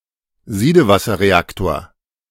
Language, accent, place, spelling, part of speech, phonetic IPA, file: German, Germany, Berlin, Siedewasserreaktor, noun, [ˈziːdəvasɐʁeˌaktoːɐ̯], De-Siedewasserreaktor.ogg
- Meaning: boiling-water reactor